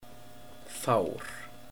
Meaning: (adjective) 1. few 2. in low spirits, unenthusiastic, impassive; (noun) accident, anger, calamity
- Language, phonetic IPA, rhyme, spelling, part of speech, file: Icelandic, [ˈfauːr], -auːr, fár, adjective / noun, Is-fár.oga